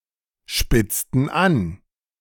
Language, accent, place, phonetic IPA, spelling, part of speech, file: German, Germany, Berlin, [ˌʃpɪt͡stn̩ ˈan], spitzten an, verb, De-spitzten an.ogg
- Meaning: inflection of anspitzen: 1. first/third-person plural preterite 2. first/third-person plural subjunctive II